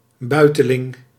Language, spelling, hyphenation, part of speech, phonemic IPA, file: Dutch, buiteling, bui‧te‧ling, noun, /ˈbœy̯.təˌlɪŋ/, Nl-buiteling.ogg
- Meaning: a forward roll, especially when stumbling